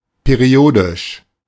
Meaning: periodic (all senses)
- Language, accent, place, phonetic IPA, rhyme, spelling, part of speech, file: German, Germany, Berlin, [peˈʁi̯oːdɪʃ], -oːdɪʃ, periodisch, adjective, De-periodisch.ogg